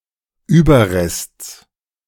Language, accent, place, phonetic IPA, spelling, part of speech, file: German, Germany, Berlin, [ˈyːbɐˌʁɛst͡s], Überrests, noun, De-Überrests.ogg
- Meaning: genitive singular of Überrest